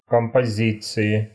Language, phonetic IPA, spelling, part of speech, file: Russian, [kəmpɐˈzʲit͡sɨɪ], композиции, noun, Ru-композиции.ogg
- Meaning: inflection of компози́ция (kompozícija): 1. genitive/dative/prepositional singular 2. nominative/accusative plural